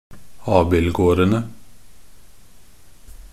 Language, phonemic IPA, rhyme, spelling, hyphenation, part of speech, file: Norwegian Bokmål, /ˈɑːbɪlɡoːrənə/, -ənə, abildgårdene, ab‧ild‧gård‧en‧e, noun, Nb-abildgårdene.ogg
- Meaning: definite plural of abildgård